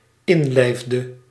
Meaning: inflection of inlijven: 1. singular dependent-clause past indicative 2. singular dependent-clause past subjunctive
- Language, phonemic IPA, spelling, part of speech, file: Dutch, /ˈɪnlɛɪfdə/, inlijfde, verb, Nl-inlijfde.ogg